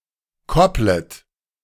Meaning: second-person plural subjunctive I of koppeln
- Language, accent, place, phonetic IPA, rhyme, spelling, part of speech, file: German, Germany, Berlin, [ˈkɔplət], -ɔplət, kopplet, verb, De-kopplet.ogg